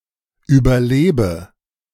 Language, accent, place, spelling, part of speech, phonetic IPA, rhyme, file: German, Germany, Berlin, überlebe, verb, [ˌyːbɐˈleːbə], -eːbə, De-überlebe.ogg
- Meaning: inflection of überleben: 1. first-person singular present 2. singular imperative 3. first/third-person singular subjunctive I